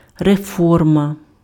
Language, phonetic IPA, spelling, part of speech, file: Ukrainian, [reˈfɔrmɐ], реформа, noun, Uk-реформа.ogg
- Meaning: reform